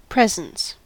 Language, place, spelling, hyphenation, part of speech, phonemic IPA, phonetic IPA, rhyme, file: English, California, presence, pres‧ence, noun / verb, /ˈpɹɛzəns/, [ˈpɹɛzn̩s], -ɛzəns, En-us-presence.ogg
- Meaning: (noun) 1. The fact or condition of being present, or of being within sight or call, or at hand 2. The part of space within one's immediate vicinity